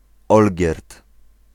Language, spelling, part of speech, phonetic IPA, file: Polish, Olgierd, proper noun, [ˈɔlʲɟɛrt], Pl-Olgierd.ogg